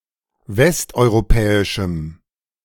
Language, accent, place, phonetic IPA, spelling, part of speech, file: German, Germany, Berlin, [ˈvɛstʔɔɪ̯ʁoˌpɛːɪʃm̩], westeuropäischem, adjective, De-westeuropäischem.ogg
- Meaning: strong dative masculine/neuter singular of westeuropäisch